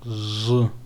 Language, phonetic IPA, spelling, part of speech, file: Adyghe, [ʐə], жъы, adjective, Zheaaa2.ogg
- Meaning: old